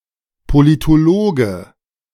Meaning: political scientist (male or of unspecified gender)
- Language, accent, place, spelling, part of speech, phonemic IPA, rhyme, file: German, Germany, Berlin, Politologe, noun, /politoˈloːɡə/, -oːɡə, De-Politologe.ogg